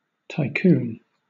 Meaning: 1. A wealthy and powerful business person 2. A business simulator game, typically involving building and managing some form of infrastructure
- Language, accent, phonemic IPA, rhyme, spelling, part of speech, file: English, Southern England, /taɪˈkuːn/, -uːn, tycoon, noun, LL-Q1860 (eng)-tycoon.wav